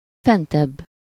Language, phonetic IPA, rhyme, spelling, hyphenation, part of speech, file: Hungarian, [ˈfɛntɛbː], -ɛbː, fentebb, fen‧tebb, adverb / adjective, Hu-fentebb.ogg
- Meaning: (adverb) 1. comparative degree of fent: higher (at a higher place) 2. above, higher up (especially: higher in the same page; earlier in the order as far as writing products go)